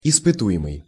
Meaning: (adjective) test; under test, being tested; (noun) test subject
- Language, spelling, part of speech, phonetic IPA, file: Russian, испытуемый, adjective / noun, [ɪspɨˈtu(j)ɪmɨj], Ru-испытуемый.ogg